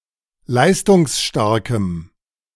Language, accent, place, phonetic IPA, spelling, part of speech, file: German, Germany, Berlin, [ˈlaɪ̯stʊŋsˌʃtaʁkəm], leistungsstarkem, adjective, De-leistungsstarkem.ogg
- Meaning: strong dative masculine/neuter singular of leistungsstark